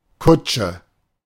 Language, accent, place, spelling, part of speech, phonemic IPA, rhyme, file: German, Germany, Berlin, Kutsche, noun, /ˈkʊtʃə/, -ʊt͡ʃə, De-Kutsche.ogg
- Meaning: 1. carriage, coach (a wagon, usually upholstered, pulled by horses) 2. a large automobile, especially an old-fashioned one 3. cold frame